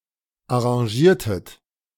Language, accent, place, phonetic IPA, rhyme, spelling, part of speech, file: German, Germany, Berlin, [aʁɑ̃ˈʒiːɐ̯tət], -iːɐ̯tət, arrangiertet, verb, De-arrangiertet.ogg
- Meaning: inflection of arrangieren: 1. second-person plural preterite 2. second-person plural subjunctive II